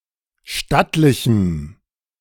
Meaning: strong dative masculine/neuter singular of stattlich
- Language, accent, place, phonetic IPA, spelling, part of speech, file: German, Germany, Berlin, [ˈʃtatlɪçm̩], stattlichem, adjective, De-stattlichem.ogg